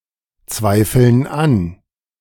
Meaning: inflection of anzweifeln: 1. first/third-person plural present 2. first/third-person plural subjunctive I
- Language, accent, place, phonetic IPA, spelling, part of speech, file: German, Germany, Berlin, [ˌt͡svaɪ̯fl̩n ˈan], zweifeln an, verb, De-zweifeln an.ogg